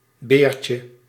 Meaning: 1. diminutive of beer (all senses and etymologies) 2. a male guinea pig, Cavia porcellus 3. a pile of flat brick layers
- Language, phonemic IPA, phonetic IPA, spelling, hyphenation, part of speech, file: Dutch, /ˈbeːr.tjə/, [ˈbeːr.t͡ʃə], beertje, beer‧tje, noun, Nl-beertje.ogg